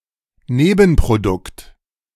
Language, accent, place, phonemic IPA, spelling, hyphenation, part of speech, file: German, Germany, Berlin, /ˈneːbn̩pʁoˌdʊkt/, Nebenprodukt, Ne‧ben‧pro‧dukt, noun, De-Nebenprodukt.ogg
- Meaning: by-product